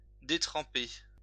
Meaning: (verb) past participle of détremper; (adjective) 1. sodden 2. waterlogged
- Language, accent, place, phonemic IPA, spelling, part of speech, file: French, France, Lyon, /de.tʁɑ̃.pe/, détrempé, verb / adjective, LL-Q150 (fra)-détrempé.wav